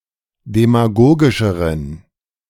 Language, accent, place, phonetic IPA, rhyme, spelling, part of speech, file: German, Germany, Berlin, [demaˈɡoːɡɪʃəʁən], -oːɡɪʃəʁən, demagogischeren, adjective, De-demagogischeren.ogg
- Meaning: inflection of demagogisch: 1. strong genitive masculine/neuter singular comparative degree 2. weak/mixed genitive/dative all-gender singular comparative degree